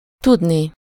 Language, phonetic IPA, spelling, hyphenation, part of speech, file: Hungarian, [ˈtudni], tudni, tud‧ni, verb, Hu-tudni.ogg
- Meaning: infinitive of tud